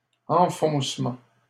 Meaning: 1. breaking down, breaking open (of a door etc.); breaking through (enemy lines) 2. driving in (of a stake, post etc.) 3. sinking (of foundations) 4. recess, nook, cranny 5. dip, slide
- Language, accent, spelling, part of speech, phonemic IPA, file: French, Canada, enfoncement, noun, /ɑ̃.fɔ̃s.mɑ̃/, LL-Q150 (fra)-enfoncement.wav